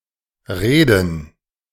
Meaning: 1. gerund of reden 2. plural of Rede
- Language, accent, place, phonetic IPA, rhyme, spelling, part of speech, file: German, Germany, Berlin, [ˈʁeːdn̩], -eːdn̩, Reden, noun, De-Reden.ogg